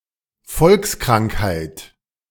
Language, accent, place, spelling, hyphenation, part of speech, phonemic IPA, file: German, Germany, Berlin, Volkskrankheit, Volks‧krank‧heit, noun, /ˈfɔlksˌkʁaŋkhaɪ̯t/, De-Volkskrankheit.ogg
- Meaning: endemic disease